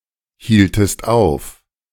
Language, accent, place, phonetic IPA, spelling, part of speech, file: German, Germany, Berlin, [ˌhiːltəst ˈaʊ̯f], hieltest auf, verb, De-hieltest auf.ogg
- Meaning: inflection of aufhalten: 1. second-person singular preterite 2. second-person singular subjunctive II